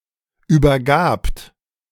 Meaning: second-person plural preterite of übergeben
- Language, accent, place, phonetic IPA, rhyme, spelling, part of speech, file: German, Germany, Berlin, [ˌyːbɐˈɡaːpt], -aːpt, übergabt, verb, De-übergabt.ogg